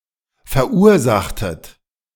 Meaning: inflection of verursachen: 1. second-person plural preterite 2. second-person plural subjunctive II
- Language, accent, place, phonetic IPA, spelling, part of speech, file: German, Germany, Berlin, [fɛɐ̯ˈʔuːɐ̯ˌzaxtət], verursachtet, verb, De-verursachtet.ogg